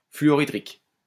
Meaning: hydrofluoric
- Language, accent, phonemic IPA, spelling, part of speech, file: French, France, /fly.ɔ.ʁi.dʁik/, fluorhydrique, adjective, LL-Q150 (fra)-fluorhydrique.wav